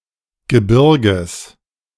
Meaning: genitive singular of Gebirge
- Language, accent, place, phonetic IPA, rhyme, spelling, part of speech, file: German, Germany, Berlin, [ɡəˈbɪʁɡəs], -ɪʁɡəs, Gebirges, noun, De-Gebirges.ogg